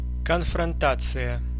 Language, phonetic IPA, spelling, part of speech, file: Russian, [kənfrɐnˈtat͡sɨjə], конфронтация, noun, Ru-конфронтация.ogg
- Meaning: confrontation